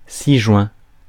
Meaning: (adverb) herewith; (adjective) 1. enclosed 2. attached
- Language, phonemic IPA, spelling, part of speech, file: French, /si.ʒwɛ̃/, ci-joint, adverb / adjective, Fr-ci-joint.ogg